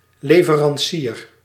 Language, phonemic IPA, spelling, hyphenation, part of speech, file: Dutch, /ˌleː.və.rɑnˈsiːr/, leverancier, le‧ve‧ran‧cier, noun, Nl-leverancier.ogg
- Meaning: supplier